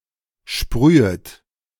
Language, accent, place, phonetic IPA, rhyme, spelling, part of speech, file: German, Germany, Berlin, [ˈʃpʁyːət], -yːət, sprühet, verb, De-sprühet.ogg
- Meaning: second-person plural subjunctive I of sprühen